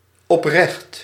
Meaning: sincere, honest, upright, upstanding
- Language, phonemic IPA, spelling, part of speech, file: Dutch, /ɔpˈrɛxt/, oprecht, adjective, Nl-oprecht.ogg